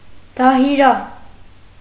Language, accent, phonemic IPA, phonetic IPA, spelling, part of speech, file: Armenian, Eastern Armenian, /dɑhiˈɾɑ/, [dɑhiɾɑ́], դահիրա, noun, Hy-դահիրա.ogg
- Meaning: alternative form of դայրա (dayra)